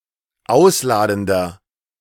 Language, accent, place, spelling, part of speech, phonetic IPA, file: German, Germany, Berlin, ausladender, adjective, [ˈaʊ̯sˌlaːdn̩dɐ], De-ausladender.ogg
- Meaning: 1. comparative degree of ausladend 2. inflection of ausladend: strong/mixed nominative masculine singular 3. inflection of ausladend: strong genitive/dative feminine singular